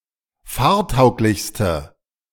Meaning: inflection of fahrtauglich: 1. strong/mixed nominative/accusative feminine singular superlative degree 2. strong nominative/accusative plural superlative degree
- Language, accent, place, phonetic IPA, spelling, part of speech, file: German, Germany, Berlin, [ˈfaːɐ̯ˌtaʊ̯klɪçstə], fahrtauglichste, adjective, De-fahrtauglichste.ogg